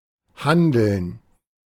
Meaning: gerund of handeln; action, behaviour
- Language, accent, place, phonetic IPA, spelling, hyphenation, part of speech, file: German, Germany, Berlin, [ˈhandl̩n], Handeln, Han‧deln, noun, De-Handeln.ogg